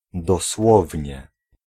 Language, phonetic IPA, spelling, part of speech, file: Polish, [dɔˈswɔvʲɲɛ], dosłownie, adverb, Pl-dosłownie.ogg